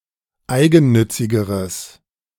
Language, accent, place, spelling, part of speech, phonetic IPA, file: German, Germany, Berlin, eigennützigeres, adjective, [ˈaɪ̯ɡn̩ˌnʏt͡sɪɡəʁəs], De-eigennützigeres.ogg
- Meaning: strong/mixed nominative/accusative neuter singular comparative degree of eigennützig